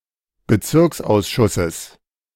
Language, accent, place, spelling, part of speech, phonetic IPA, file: German, Germany, Berlin, Bezirksausschusses, noun, [bəˈt͡sɪʁksʔaʊ̯sˌʃʊsəs], De-Bezirksausschusses.ogg
- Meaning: genitive singular of Bezirksausschuss